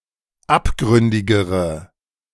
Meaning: inflection of abgründig: 1. strong/mixed nominative/accusative feminine singular comparative degree 2. strong nominative/accusative plural comparative degree
- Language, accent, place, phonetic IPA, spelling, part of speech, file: German, Germany, Berlin, [ˈapˌɡʁʏndɪɡəʁə], abgründigere, adjective, De-abgründigere.ogg